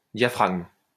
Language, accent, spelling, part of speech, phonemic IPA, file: French, France, diaphragme, noun / verb, /dja.fʁaɡm/, LL-Q150 (fra)-diaphragme.wav
- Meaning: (noun) 1. diaphragm 2. diaphragm (contraceptive); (verb) inflection of diaphragmer: 1. first/third-person singular present indicative/subjunctive 2. second-person singular imperative